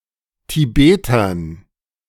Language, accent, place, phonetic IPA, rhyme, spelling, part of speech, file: German, Germany, Berlin, [tiˈbeːtɐn], -eːtɐn, Tibetern, noun, De-Tibetern.ogg
- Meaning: dative plural of Tibeter